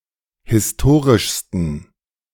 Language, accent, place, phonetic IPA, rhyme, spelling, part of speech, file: German, Germany, Berlin, [hɪsˈtoːʁɪʃstn̩], -oːʁɪʃstn̩, historischsten, adjective, De-historischsten.ogg
- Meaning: 1. superlative degree of historisch 2. inflection of historisch: strong genitive masculine/neuter singular superlative degree